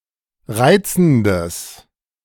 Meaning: strong/mixed nominative/accusative neuter singular of reizend
- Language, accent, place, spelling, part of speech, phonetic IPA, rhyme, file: German, Germany, Berlin, reizendes, adjective, [ˈʁaɪ̯t͡sn̩dəs], -aɪ̯t͡sn̩dəs, De-reizendes.ogg